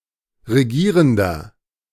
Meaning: inflection of regierend: 1. strong/mixed nominative masculine singular 2. strong genitive/dative feminine singular 3. strong genitive plural
- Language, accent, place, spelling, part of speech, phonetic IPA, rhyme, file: German, Germany, Berlin, regierender, adjective, [ʁeˈɡiːʁəndɐ], -iːʁəndɐ, De-regierender.ogg